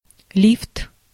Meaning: elevator, lift
- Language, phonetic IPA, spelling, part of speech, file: Russian, [lʲift], лифт, noun, Ru-лифт.ogg